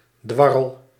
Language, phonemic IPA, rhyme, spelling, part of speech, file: Dutch, /ˈdʋɑ.rəl/, -ɑrəl, dwarrel, verb, Nl-dwarrel.ogg
- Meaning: inflection of dwarrelen: 1. first-person singular present indicative 2. second-person singular present indicative 3. imperative